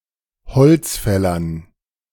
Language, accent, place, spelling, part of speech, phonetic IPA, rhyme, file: German, Germany, Berlin, bezogst, verb, [bəˈt͡soːkst], -oːkst, De-bezogst.ogg
- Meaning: second-person singular preterite of beziehen